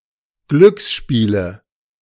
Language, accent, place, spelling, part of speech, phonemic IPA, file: German, Germany, Berlin, Glücksspiele, noun, /ˈɡlʏksˌʃpiːlə/, De-Glücksspiele.ogg
- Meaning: nominative/accusative/genitive plural of Glücksspiel